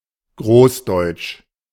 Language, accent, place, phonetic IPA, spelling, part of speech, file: German, Germany, Berlin, [ˈɡʁoːsˌdɔɪ̯t͡ʃ], großdeutsch, adjective, De-großdeutsch.ogg
- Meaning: greater German (referring to Germany plus Austria etc)